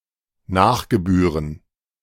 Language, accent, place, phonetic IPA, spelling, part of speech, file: German, Germany, Berlin, [ˈnaːxɡəˌbyːʁən], Nachgebühren, noun, De-Nachgebühren.ogg
- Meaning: plural of Nachgebühr